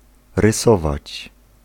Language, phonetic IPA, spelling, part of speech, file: Polish, [rɨˈsɔvat͡ɕ], rysować, verb, Pl-rysować.ogg